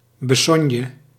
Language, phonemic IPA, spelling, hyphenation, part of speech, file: Dutch, /bəˈsɔnjə/, besogne, be‧sog‧ne, noun, Nl-besogne.ogg
- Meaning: everyday occupation, daily concern, daily business (that which occupies someone on an everyday basis)